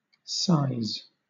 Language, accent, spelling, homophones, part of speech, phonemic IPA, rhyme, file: English, Southern England, sise, size, noun, /saɪz/, -aɪz, LL-Q1860 (eng)-sise.wav
- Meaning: An assize